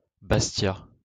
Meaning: Bastia
- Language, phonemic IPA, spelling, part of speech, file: French, /bas.tja/, Bastia, proper noun, LL-Q150 (fra)-Bastia.wav